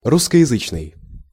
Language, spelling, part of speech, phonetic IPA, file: Russian, русскоязычный, adjective, [ˌruskə(j)ɪˈzɨt͡ɕnɨj], Ru-русскоязычный.ogg
- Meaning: 1. Russian-speaking, Russophone (Russian-speaking) 2. written or spoken in Russian